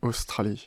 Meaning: Australia (a country consisting of a main island, the island of Tasmania and other smaller islands, located in Oceania; historically, a collection of former colonies of the British Empire)
- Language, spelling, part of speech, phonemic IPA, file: French, Australie, proper noun, /os.tʁa.li/, Fr-Australie.ogg